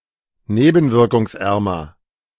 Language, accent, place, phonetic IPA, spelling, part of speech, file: German, Germany, Berlin, [ˈneːbn̩vɪʁkʊŋsˌʔɛʁmɐ], nebenwirkungsärmer, adjective, De-nebenwirkungsärmer.ogg
- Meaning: comparative degree of nebenwirkungsarm